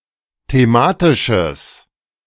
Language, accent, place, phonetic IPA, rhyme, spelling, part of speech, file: German, Germany, Berlin, [teˈmaːtɪʃəs], -aːtɪʃəs, thematisches, adjective, De-thematisches.ogg
- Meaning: strong/mixed nominative/accusative neuter singular of thematisch